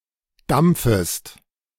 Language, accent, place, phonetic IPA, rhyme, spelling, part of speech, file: German, Germany, Berlin, [ˈdamp͡fəst], -amp͡fəst, dampfest, verb, De-dampfest.ogg
- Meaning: second-person singular subjunctive I of dampfen